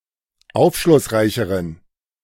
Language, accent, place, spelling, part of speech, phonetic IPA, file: German, Germany, Berlin, aufschlussreicheren, adjective, [ˈaʊ̯fʃlʊsˌʁaɪ̯çəʁən], De-aufschlussreicheren.ogg
- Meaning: inflection of aufschlussreich: 1. strong genitive masculine/neuter singular comparative degree 2. weak/mixed genitive/dative all-gender singular comparative degree